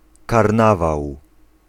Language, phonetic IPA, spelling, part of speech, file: Polish, [karˈnavaw], karnawał, noun, Pl-karnawał.ogg